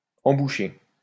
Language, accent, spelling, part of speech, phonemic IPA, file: French, France, emboucher, verb, /ɑ̃.bu.ʃe/, LL-Q150 (fra)-emboucher.wav
- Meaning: 1. to place one's lips against the mouthpiece of a wind instrument 2. to place the bit in a horse's mouth 3. to tell off, to antagonize 4. to argue